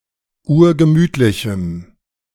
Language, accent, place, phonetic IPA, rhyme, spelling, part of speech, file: German, Germany, Berlin, [ˈuːɐ̯ɡəˈmyːtlɪçm̩], -yːtlɪçm̩, urgemütlichem, adjective, De-urgemütlichem.ogg
- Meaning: strong dative masculine/neuter singular of urgemütlich